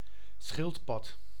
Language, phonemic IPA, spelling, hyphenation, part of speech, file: Dutch, /ˈsxɪl(t).pɑt/, schildpad, schild‧pad, noun, Nl-schildpad.ogg
- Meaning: 1. tortoise, turtle; reptile of the order Testudines 2. tortoise, cat, testudo (wheeled gallery offering protection to approaching besiegers; siege weapon) 3. testudo formation